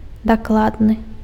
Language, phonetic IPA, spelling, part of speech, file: Belarusian, [dakˈɫadnɨ], дакладны, adjective, Be-дакладны.ogg
- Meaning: exact, precise, accurate